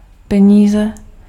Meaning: money
- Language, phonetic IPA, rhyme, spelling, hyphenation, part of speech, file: Czech, [ˈpɛɲiːzɛ], -iːzɛ, peníze, pe‧ní‧ze, noun, Cs-peníze.ogg